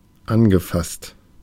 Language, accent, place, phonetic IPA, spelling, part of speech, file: German, Germany, Berlin, [ˈanɡəˌfast], angefasst, verb, De-angefasst.ogg
- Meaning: past participle of anfassen